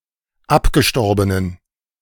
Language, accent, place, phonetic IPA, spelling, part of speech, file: German, Germany, Berlin, [ˈapɡəˌʃtɔʁbənən], abgestorbenen, adjective, De-abgestorbenen.ogg
- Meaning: inflection of abgestorben: 1. strong genitive masculine/neuter singular 2. weak/mixed genitive/dative all-gender singular 3. strong/weak/mixed accusative masculine singular 4. strong dative plural